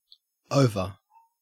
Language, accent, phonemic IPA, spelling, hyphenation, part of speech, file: English, Australia, /ˈəʉ̯.və/, over, o‧ver, adjective / adverb / noun / preposition / interjection / verb, En-au-over.ogg
- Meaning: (adjective) 1. Finished; ended; concluded 2. Finished; ended; concluded.: Of a flower: wilting or withering 3. Hopeless; irrecoverable 4. Visiting one's home or other location